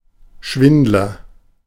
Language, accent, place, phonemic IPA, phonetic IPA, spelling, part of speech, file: German, Germany, Berlin, /ˈʃvɪndlɐ/, [ˈʃvɪntlɐ], Schwindler, noun, De-Schwindler.ogg
- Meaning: 1. cheater, fibber (telling mostly harmless lies) 2. swindler, deceiver, fraud